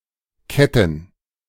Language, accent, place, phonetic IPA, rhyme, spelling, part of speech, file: German, Germany, Berlin, [ˈkɛtn̩], -ɛtn̩, Ketten, noun, De-Ketten.ogg
- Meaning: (proper noun) Chotyně (a village in the Czech Republic); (noun) plural of Kette